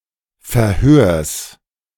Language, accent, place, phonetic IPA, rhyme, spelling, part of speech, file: German, Germany, Berlin, [fɛɐ̯ˈhøːɐ̯s], -øːɐ̯s, Verhörs, noun, De-Verhörs.ogg
- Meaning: genitive singular of Verhör